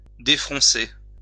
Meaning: 1. to undo gathers, folds, or plaits 2. to unknit (the brows), to smooth (one's brow)
- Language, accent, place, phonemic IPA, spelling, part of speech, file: French, France, Lyon, /de.fʁɔ̃.se/, défroncer, verb, LL-Q150 (fra)-défroncer.wav